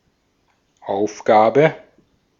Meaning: task, job: 1. duty, responsibility, mission, function, purpose 2. chore, assignment, to-do 3. assignment, exercise, problem (e.g. at school)
- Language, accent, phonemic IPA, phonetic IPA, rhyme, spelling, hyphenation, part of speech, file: German, Austria, /ˈaʊ̯fˌɡaːbə/, [ʔaʊ̯fˌɡaː.bə], -aːbə, Aufgabe, Auf‧ga‧be, noun, De-at-Aufgabe.ogg